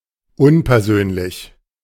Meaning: impersonal
- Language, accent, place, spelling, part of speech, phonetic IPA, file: German, Germany, Berlin, unpersönlich, adjective, [ˈʊnpɛɐ̯ˌzøːnlɪç], De-unpersönlich.ogg